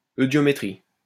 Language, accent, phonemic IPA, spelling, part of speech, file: French, France, /ø.djɔ.me.tʁi/, eudiométrie, noun, LL-Q150 (fra)-eudiométrie.wav
- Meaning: eudiometry